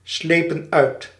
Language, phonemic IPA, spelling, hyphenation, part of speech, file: Dutch, /ˌsleː.pə(n)ˈœy̯t/, slepen uit, sle‧pen uit, verb, Nl-slepen uit.ogg
- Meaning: inflection of uitslijpen: 1. plural past indicative 2. plural past subjunctive